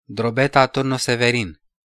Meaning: a city in Mehedinți County, in southwestern Romania in Oltenia
- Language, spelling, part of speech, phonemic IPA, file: Romanian, Drobeta-Turnu Severin, proper noun, /droˈbeta ˈturnu seveˈrin/, Ro-Drobeta-Turnu Severin.ogg